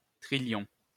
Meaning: 1. quintillion (10¹⁸) 2. trillion (10¹²)
- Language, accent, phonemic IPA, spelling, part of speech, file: French, France, /tʁi.ljɔ̃/, trillion, numeral, LL-Q150 (fra)-trillion.wav